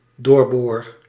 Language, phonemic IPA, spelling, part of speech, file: Dutch, /ˈdoːr.boːr/, doorboor, verb, Nl-doorboor.ogg
- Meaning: first-person singular dependent-clause present indicative of doorboren